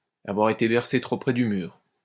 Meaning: to have been dropped on one's head as a child (to be simple-minded, to be dim-witted, to be stupid)
- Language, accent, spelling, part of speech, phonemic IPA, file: French, France, avoir été bercé trop près du mur, verb, /a.vwaʁ e.te bɛʁ.se tʁo pʁɛ dy myʁ/, LL-Q150 (fra)-avoir été bercé trop près du mur.wav